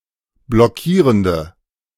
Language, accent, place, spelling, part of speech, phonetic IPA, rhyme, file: German, Germany, Berlin, blockierende, adjective, [blɔˈkiːʁəndə], -iːʁəndə, De-blockierende.ogg
- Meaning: inflection of blockierend: 1. strong/mixed nominative/accusative feminine singular 2. strong nominative/accusative plural 3. weak nominative all-gender singular